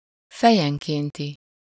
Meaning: per capita, per head
- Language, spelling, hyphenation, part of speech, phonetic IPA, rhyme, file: Hungarian, fejenkénti, fe‧jen‧kén‧ti, adjective, [ˈfɛjɛŋkeːnti], -ti, Hu-fejenkénti.ogg